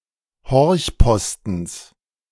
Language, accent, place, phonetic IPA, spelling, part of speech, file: German, Germany, Berlin, [ˈhɔʁçˌpɔstn̩s], Horchpostens, noun, De-Horchpostens.ogg
- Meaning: genitive singular of Horchposten